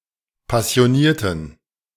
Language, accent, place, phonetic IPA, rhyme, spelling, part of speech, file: German, Germany, Berlin, [pasi̯oˈniːɐ̯tn̩], -iːɐ̯tn̩, passionierten, adjective / verb, De-passionierten.ogg
- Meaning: inflection of passioniert: 1. strong genitive masculine/neuter singular 2. weak/mixed genitive/dative all-gender singular 3. strong/weak/mixed accusative masculine singular 4. strong dative plural